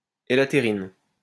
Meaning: elaterin
- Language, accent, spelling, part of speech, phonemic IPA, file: French, France, élatérine, noun, /e.la.te.ʁin/, LL-Q150 (fra)-élatérine.wav